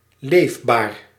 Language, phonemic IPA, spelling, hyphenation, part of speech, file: Dutch, /ˈleːf.baːr/, leefbaar, leef‧baar, adjective, Nl-leefbaar.ogg
- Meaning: livable